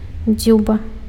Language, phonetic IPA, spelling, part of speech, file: Belarusian, [ˈd͡zʲuba], дзюба, noun, Be-дзюба.ogg
- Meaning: beak, bill (structure projecting from a bird's face)